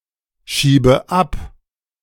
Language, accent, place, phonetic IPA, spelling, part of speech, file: German, Germany, Berlin, [ˌʃiːbə ˈap], schiebe ab, verb, De-schiebe ab.ogg
- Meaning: inflection of abschieben: 1. first-person singular present 2. first/third-person singular subjunctive I 3. singular imperative